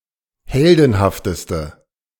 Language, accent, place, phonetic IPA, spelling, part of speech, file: German, Germany, Berlin, [ˈhɛldn̩haftəstə], heldenhafteste, adjective, De-heldenhafteste.ogg
- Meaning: inflection of heldenhaft: 1. strong/mixed nominative/accusative feminine singular superlative degree 2. strong nominative/accusative plural superlative degree